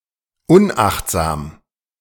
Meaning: unwary, careless
- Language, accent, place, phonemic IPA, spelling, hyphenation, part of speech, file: German, Germany, Berlin, /ˈʊnʔaxtzaːm/, unachtsam, un‧acht‧sam, adjective, De-unachtsam.ogg